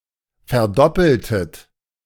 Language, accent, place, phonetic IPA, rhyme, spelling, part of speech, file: German, Germany, Berlin, [fɛɐ̯ˈdɔpl̩tət], -ɔpl̩tət, verdoppeltet, verb, De-verdoppeltet.ogg
- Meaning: inflection of verdoppeln: 1. second-person plural preterite 2. second-person plural subjunctive II